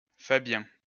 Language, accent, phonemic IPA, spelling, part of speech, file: French, France, /fa.bjɛ̃/, Fabien, proper noun, LL-Q150 (fra)-Fabien.wav
- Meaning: a male given name, equivalent to English Fabian